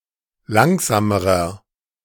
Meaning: inflection of langsam: 1. strong/mixed nominative masculine singular comparative degree 2. strong genitive/dative feminine singular comparative degree 3. strong genitive plural comparative degree
- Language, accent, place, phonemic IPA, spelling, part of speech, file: German, Germany, Berlin, /ˈlaŋzaːməʁɐ/, langsamerer, adjective, De-langsamerer.ogg